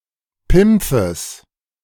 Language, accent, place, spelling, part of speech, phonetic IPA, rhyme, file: German, Germany, Berlin, Pimpfes, noun, [ˈpɪmp͡fəs], -ɪmp͡fəs, De-Pimpfes.ogg
- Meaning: genitive of Pimpf